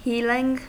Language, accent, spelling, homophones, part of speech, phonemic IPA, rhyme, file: English, US, healing, heeling, noun / verb, /ˈhiːlɪŋ/, -iːlɪŋ, En-us-healing.ogg
- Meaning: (noun) 1. The process where the cells in the body regenerate and repair themselves 2. An act of healing, as by a faith healer 3. The psychological process of dealing with a problem or problems